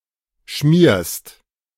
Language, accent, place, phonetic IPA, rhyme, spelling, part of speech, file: German, Germany, Berlin, [ʃmiːɐ̯st], -iːɐ̯st, schmierst, verb, De-schmierst.ogg
- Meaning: second-person singular present of schmieren